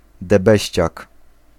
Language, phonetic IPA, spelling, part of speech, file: Polish, [dɛˈbɛɕt͡ɕak], debeściak, noun, Pl-debeściak.ogg